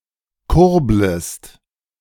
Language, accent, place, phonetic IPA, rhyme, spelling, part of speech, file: German, Germany, Berlin, [ˈkʊʁbləst], -ʊʁbləst, kurblest, verb, De-kurblest.ogg
- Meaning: second-person singular subjunctive I of kurbeln